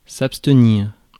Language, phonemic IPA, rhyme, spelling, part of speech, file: French, /ap.stə.niʁ/, -iʁ, abstenir, verb, Fr-abstenir.ogg
- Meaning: to abstain, to forbear